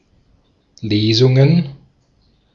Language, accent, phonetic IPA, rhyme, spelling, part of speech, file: German, Austria, [ˈleːzʊŋən], -eːzʊŋən, Lesungen, noun, De-at-Lesungen.ogg
- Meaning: plural of Lesung